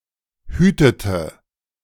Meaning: inflection of hüten: 1. first/third-person singular preterite 2. first/third-person singular subjunctive II
- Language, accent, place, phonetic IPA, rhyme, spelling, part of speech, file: German, Germany, Berlin, [ˈhyːtətə], -yːtətə, hütete, verb, De-hütete.ogg